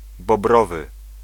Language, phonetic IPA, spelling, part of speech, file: Polish, [bɔˈbrɔvɨ], bobrowy, adjective, Pl-bobrowy.ogg